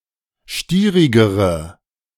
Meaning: inflection of stierig: 1. strong/mixed nominative/accusative feminine singular comparative degree 2. strong nominative/accusative plural comparative degree
- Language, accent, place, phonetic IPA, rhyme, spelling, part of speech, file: German, Germany, Berlin, [ˈʃtiːʁɪɡəʁə], -iːʁɪɡəʁə, stierigere, adjective, De-stierigere.ogg